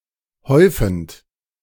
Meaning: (verb) present participle of häufen; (adjective) heaping
- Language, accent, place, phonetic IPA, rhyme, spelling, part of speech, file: German, Germany, Berlin, [ˈhɔɪ̯fn̩t], -ɔɪ̯fn̩t, häufend, verb, De-häufend.ogg